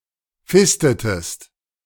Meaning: inflection of fisten: 1. second-person singular preterite 2. second-person singular subjunctive II
- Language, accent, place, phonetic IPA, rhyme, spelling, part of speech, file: German, Germany, Berlin, [ˈfɪstətəst], -ɪstətəst, fistetest, verb, De-fistetest.ogg